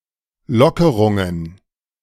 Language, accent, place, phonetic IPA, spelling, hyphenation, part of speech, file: German, Germany, Berlin, [ˈlɔkəʁʊŋən], Lockerungen, Lo‧cke‧run‧gen, noun, De-Lockerungen.ogg
- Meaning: plural of Lockerung